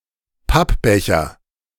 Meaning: paper cup
- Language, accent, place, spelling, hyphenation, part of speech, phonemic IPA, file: German, Germany, Berlin, Pappbecher, Papp‧be‧cher, noun, /ˈpapˌbɛçɐ/, De-Pappbecher.ogg